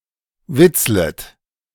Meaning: second-person plural subjunctive I of witzeln
- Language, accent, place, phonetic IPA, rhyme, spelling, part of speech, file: German, Germany, Berlin, [ˈvɪt͡slət], -ɪt͡slət, witzlet, verb, De-witzlet.ogg